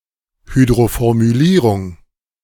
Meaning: hydroformylation
- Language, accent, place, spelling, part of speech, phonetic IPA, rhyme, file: German, Germany, Berlin, Hydroformylierung, noun, [ˌhyːdʁofɔʁmyˈliːʁʊŋ], -iːʁʊŋ, De-Hydroformylierung.ogg